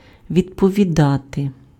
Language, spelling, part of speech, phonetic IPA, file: Ukrainian, відповідати, verb, [ʋʲidpɔʋʲiˈdate], Uk-відповідати.ogg
- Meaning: to answer, to respond